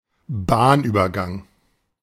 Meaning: level crossing
- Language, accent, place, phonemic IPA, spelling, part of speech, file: German, Germany, Berlin, /ˈbaːnyːbɐɡaŋ/, Bahnübergang, noun, De-Bahnübergang.ogg